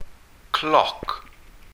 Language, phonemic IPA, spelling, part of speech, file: Welsh, /klɔk/, cloc, noun, Cy-cloc.ogg
- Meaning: clock